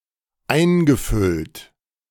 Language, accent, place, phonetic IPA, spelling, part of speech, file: German, Germany, Berlin, [ˈaɪ̯nɡəˌfʏlt], eingefüllt, verb, De-eingefüllt.ogg
- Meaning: past participle of einfüllen - poured in